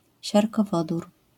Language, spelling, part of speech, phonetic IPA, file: Polish, siarkowodór, noun, [ˌɕarkɔˈvɔdur], LL-Q809 (pol)-siarkowodór.wav